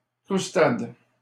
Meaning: 1. croustade 2. crumble (dessert)
- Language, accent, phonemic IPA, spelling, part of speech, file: French, Canada, /kʁus.tad/, croustade, noun, LL-Q150 (fra)-croustade.wav